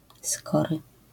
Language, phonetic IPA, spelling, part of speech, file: Polish, [ˈskɔrɨ], skory, adjective, LL-Q809 (pol)-skory.wav